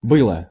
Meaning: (verb) neuter singular past indicative imperfective of быть (bytʹ); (particle) nearly, on the point of, just about
- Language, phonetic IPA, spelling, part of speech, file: Russian, [ˈbɨɫə], было, verb / particle, Ru-было.ogg